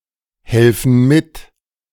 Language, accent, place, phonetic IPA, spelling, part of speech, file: German, Germany, Berlin, [ˌhɛlfn̩ ˈmɪt], helfen mit, verb, De-helfen mit.ogg
- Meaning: inflection of mithelfen: 1. first/third-person plural present 2. first/third-person plural subjunctive I